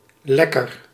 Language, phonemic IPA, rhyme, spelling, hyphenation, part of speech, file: Dutch, /ˈlɛ.kər/, -ɛkər, lekker, lek‧ker, adjective / noun, Nl-lekker.ogg
- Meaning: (adjective) 1. having a nice taste, tasty, delectable 2. good, nice, pleasant, satisfying in a more generic sense 3. hot, sexy, physically attractive